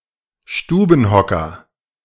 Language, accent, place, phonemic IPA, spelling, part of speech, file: German, Germany, Berlin, /ˈʃtuːbn̩ˌhɔkɐ/, Stubenhocker, noun, De-Stubenhocker.ogg
- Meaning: couch potato, homebody, stay at home (a person who prefers to remain at home, rather than participate in social events)